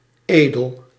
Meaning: noble
- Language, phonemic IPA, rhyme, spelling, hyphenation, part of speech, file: Dutch, /ˈeː.dəl/, -eːdəl, edel, edel, adjective, Nl-edel.ogg